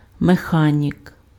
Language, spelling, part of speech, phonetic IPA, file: Ukrainian, механік, noun, [meˈxanʲik], Uk-механік.ogg
- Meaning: 1. mechanic 2. genitive plural of меха́ніка (mexánika)